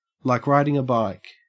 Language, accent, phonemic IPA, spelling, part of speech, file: English, Australia, /laɪk ˈɹaɪdɪŋ ə baɪk/, like riding a bike, prepositional phrase, En-au-like riding a bike.ogg
- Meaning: Said of a skill that, once learned, is never forgotten